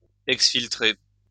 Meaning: to exfiltrate
- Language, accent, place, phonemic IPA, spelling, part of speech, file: French, France, Lyon, /ɛks.fil.tʁe/, exfiltrer, verb, LL-Q150 (fra)-exfiltrer.wav